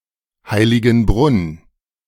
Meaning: a municipality of Burgenland, Austria
- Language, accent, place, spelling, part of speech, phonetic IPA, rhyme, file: German, Germany, Berlin, Heiligenbrunn, proper noun, [ˌhaɪ̯lɪɡn̩ˈbʁʊn], -ʊn, De-Heiligenbrunn.ogg